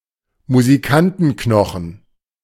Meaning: funny bone
- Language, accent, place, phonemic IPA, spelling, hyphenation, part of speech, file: German, Germany, Berlin, /muziˈkantn̩ˌknɔxn̩/, Musikantenknochen, Mu‧si‧kan‧ten‧kno‧chen, noun, De-Musikantenknochen.ogg